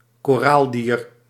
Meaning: a coral, micro-organism of the class Anthozoa
- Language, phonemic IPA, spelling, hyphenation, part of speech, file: Dutch, /koːˈraːlˌdiːr/, koraaldier, ko‧raal‧dier, noun, Nl-koraaldier.ogg